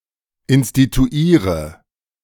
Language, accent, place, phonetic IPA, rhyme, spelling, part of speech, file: German, Germany, Berlin, [ɪnstituˈiːʁə], -iːʁə, instituiere, verb, De-instituiere.ogg
- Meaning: inflection of instituieren: 1. first-person singular present 2. first/third-person singular subjunctive I 3. singular imperative